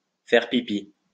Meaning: to wee (urinate)
- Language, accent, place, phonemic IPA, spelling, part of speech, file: French, France, Lyon, /fɛʁ pi.pi/, faire pipi, verb, LL-Q150 (fra)-faire pipi.wav